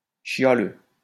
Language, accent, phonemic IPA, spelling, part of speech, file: French, France, /ʃja.lø/, chialeux, adjective / noun, LL-Q150 (fra)-chialeux.wav
- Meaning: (adjective) who is complaining often; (noun) someone who is complaining often